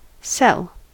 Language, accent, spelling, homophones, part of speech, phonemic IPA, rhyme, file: English, US, sell, cel / cell, verb / noun, /sɛl/, -ɛl, En-us-sell.ogg
- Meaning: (verb) 1. To transfer goods or provide services in exchange for money 2. To be sold 3. To promote (a product or service) although not being paid in any direct way or at all